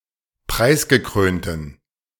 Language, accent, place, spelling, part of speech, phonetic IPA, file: German, Germany, Berlin, preisgekrönten, adjective, [ˈpʁaɪ̯sɡəˌkʁøːntn̩], De-preisgekrönten.ogg
- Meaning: inflection of preisgekrönt: 1. strong genitive masculine/neuter singular 2. weak/mixed genitive/dative all-gender singular 3. strong/weak/mixed accusative masculine singular 4. strong dative plural